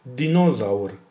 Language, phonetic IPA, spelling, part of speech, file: Polish, [dʲĩˈnɔzawr], dinozaur, noun, Pl-dinozaur.ogg